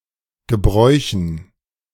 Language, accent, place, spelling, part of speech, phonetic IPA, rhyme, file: German, Germany, Berlin, Gebräuchen, noun, [ɡəˈbʁɔɪ̯çn̩], -ɔɪ̯çn̩, De-Gebräuchen.ogg
- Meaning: dative plural of Gebrauch